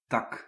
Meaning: 1. branch, twig, bough 2. branch, offshoot, division
- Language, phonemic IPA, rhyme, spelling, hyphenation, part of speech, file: Dutch, /tɑk/, -ɑk, tak, tak, noun, Nl-tak.ogg